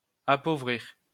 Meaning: to impoverish
- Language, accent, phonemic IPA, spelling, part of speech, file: French, France, /a.po.vʁiʁ/, appauvrir, verb, LL-Q150 (fra)-appauvrir.wav